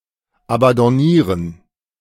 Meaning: 1. to abandon 2. to abandon ship
- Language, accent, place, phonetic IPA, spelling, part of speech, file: German, Germany, Berlin, [abandɔnˈiːʁən], abandonnieren, verb, De-abandonnieren.ogg